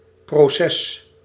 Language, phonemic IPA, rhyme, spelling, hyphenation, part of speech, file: Dutch, /proːˈsɛs/, -ɛs, proces, pro‧ces, noun, Nl-proces.ogg
- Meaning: 1. a process, sequential proceeding 2. a trial, court case, lawsuit